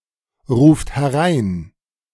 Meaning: inflection of hereinrufen: 1. third-person singular present 2. second-person plural present 3. plural imperative
- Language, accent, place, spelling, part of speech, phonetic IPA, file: German, Germany, Berlin, ruft herein, verb, [ˌʁuːft hɛˈʁaɪ̯n], De-ruft herein.ogg